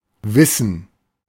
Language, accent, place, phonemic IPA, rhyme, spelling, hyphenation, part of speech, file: German, Germany, Berlin, /ˈvɪsən/, -ɪsən, Wissen, Wis‧sen, noun, De-Wissen.ogg
- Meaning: knowledge